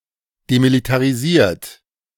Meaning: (verb) past participle of demilitarisieren; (adjective) demilitarized
- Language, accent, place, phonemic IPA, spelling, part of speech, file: German, Germany, Berlin, /demilitaʁiˈziːɐ̯t/, demilitarisiert, verb / adjective, De-demilitarisiert.ogg